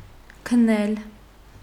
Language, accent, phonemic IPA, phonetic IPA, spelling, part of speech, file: Armenian, Eastern Armenian, /kʰəˈnel/, [kʰənél], քնել, verb, Hy-քնել.ogg
- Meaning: 1. to sleep 2. to go to sleep 3. to fall asleep 4. to have sex, make love 5. to die